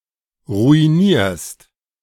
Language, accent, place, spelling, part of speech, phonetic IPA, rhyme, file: German, Germany, Berlin, ruinierst, verb, [ʁuiˈniːɐ̯st], -iːɐ̯st, De-ruinierst.ogg
- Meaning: second-person singular present of ruinieren